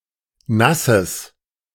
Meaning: strong/mixed nominative/accusative neuter singular of nass
- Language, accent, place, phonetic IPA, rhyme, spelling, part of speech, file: German, Germany, Berlin, [ˈnasəs], -asəs, nasses, adjective, De-nasses.ogg